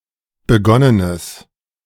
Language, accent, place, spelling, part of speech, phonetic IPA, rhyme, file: German, Germany, Berlin, begonnenes, adjective, [bəˈɡɔnənəs], -ɔnənəs, De-begonnenes.ogg
- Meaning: strong/mixed nominative/accusative neuter singular of begonnen